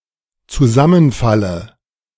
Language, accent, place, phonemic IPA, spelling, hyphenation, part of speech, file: German, Germany, Berlin, /t͡suˈzamənˌfalə/, Zusammenfalle, Zu‧sam‧men‧fal‧le, noun, De-Zusammenfalle.ogg
- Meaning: dative singular of Zusammenfall